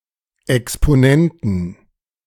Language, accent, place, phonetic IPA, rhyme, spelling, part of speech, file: German, Germany, Berlin, [ɛkspoˈnɛntn̩], -ɛntn̩, Exponenten, noun, De-Exponenten.ogg
- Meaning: 1. genitive singular of Exponent 2. plural of Exponent